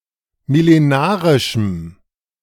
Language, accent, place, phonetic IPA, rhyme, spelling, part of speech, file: German, Germany, Berlin, [mɪleˈnaːʁɪʃm̩], -aːʁɪʃm̩, millenarischem, adjective, De-millenarischem.ogg
- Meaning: strong dative masculine/neuter singular of millenarisch